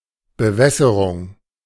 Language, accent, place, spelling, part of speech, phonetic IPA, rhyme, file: German, Germany, Berlin, Bewässerung, noun, [bəˈvɛsəʁʊŋ], -ɛsəʁʊŋ, De-Bewässerung.ogg
- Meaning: irrigation